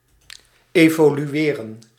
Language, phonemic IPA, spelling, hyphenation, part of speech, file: Dutch, /ˌeː.voː.lyˈeː.rə(n)/, evolueren, evo‧lu‧e‧ren, verb, Nl-evolueren.ogg
- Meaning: 1. to evolve, to develop gradually or in stages 2. to develop